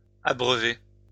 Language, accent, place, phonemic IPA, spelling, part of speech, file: French, France, Lyon, /a.bʁœ.ve/, abreuvez, verb, LL-Q150 (fra)-abreuvez.wav
- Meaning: inflection of abreuver: 1. second-person plural present indicative 2. second-person plural imperative